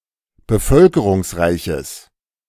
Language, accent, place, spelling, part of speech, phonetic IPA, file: German, Germany, Berlin, bevölkerungsreiches, adjective, [bəˈfœlkəʁʊŋsˌʁaɪ̯çəs], De-bevölkerungsreiches.ogg
- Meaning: strong/mixed nominative/accusative neuter singular of bevölkerungsreich